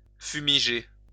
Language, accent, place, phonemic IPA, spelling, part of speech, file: French, France, Lyon, /fy.mi.ʒe/, fumiger, verb, LL-Q150 (fra)-fumiger.wav
- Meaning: to fumigate